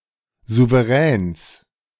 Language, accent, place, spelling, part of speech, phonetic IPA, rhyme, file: German, Germany, Berlin, Souveräns, noun, [ˌzuveˈʁɛːns], -ɛːns, De-Souveräns.ogg
- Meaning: genitive singular of Souverän